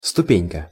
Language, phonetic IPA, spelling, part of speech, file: Russian, [stʊˈpʲenʲkə], ступенька, noun, Ru-ступенька.ogg
- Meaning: diminutive of ступе́нь (stupénʹ) in the meaning "step, rung"